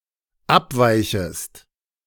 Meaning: second-person singular dependent subjunctive I of abweichen
- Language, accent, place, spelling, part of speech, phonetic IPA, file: German, Germany, Berlin, abweichest, verb, [ˈapˌvaɪ̯çəst], De-abweichest.ogg